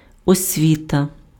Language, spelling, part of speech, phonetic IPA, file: Ukrainian, освіта, noun, [ɔsʲˈʋʲitɐ], Uk-освіта.ogg
- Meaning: education